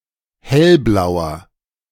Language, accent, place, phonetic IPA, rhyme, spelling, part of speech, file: German, Germany, Berlin, [ˈhɛlˌblaʊ̯ɐ], -ɛlblaʊ̯ɐ, hellblauer, adjective, De-hellblauer.ogg
- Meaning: inflection of hellblau: 1. strong/mixed nominative masculine singular 2. strong genitive/dative feminine singular 3. strong genitive plural